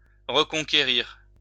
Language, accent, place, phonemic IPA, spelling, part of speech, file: French, France, Lyon, /ʁə.kɔ̃.ke.ʁiʁ/, reconquérir, verb, LL-Q150 (fra)-reconquérir.wav
- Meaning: 1. to reconquer 2. to regain, to win back